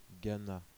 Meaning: Ghana (a country in West Africa)
- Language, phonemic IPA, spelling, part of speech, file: French, /ɡa.na/, Ghana, proper noun, Fr-Ghana.oga